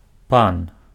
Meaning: 1. mister, sir, gentleman (a respectful term of address to an adult male, especially if his name or proper title is unknown) 2. bigwig, magnate (a powerful and influential person)
- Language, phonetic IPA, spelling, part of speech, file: Belarusian, [pan], пан, noun, Be-пан.ogg